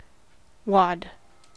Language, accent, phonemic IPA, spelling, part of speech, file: English, US, /wɑd/, wad, noun / verb, En-us-wad.ogg
- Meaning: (noun) 1. An amorphous, compact mass 2. A substantial pile (normally of money)